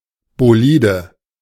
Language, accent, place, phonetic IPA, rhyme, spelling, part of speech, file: German, Germany, Berlin, [boˈliːdə], -iːdə, Bolide, noun, De-Bolide.ogg
- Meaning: alternative form of Bolid